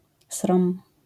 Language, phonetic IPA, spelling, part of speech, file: Polish, [srɔ̃m], srom, noun, LL-Q809 (pol)-srom.wav